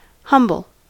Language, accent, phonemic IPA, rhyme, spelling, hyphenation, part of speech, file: English, General American, /ˈhʌmbəl/, -ʌmbəl, humble, hum‧ble, adjective / noun / verb, En-us-humble.ogg
- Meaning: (adjective) 1. Not pretentious or magnificent; unpretending; unassuming 2. Having a low position or a low opinion of oneself; not proud, arrogant, or assuming; modest